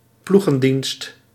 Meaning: shift (work schedule)
- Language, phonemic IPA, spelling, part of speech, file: Dutch, /ˈpluɣə(n)ˌdinst/, ploegendienst, noun, Nl-ploegendienst.ogg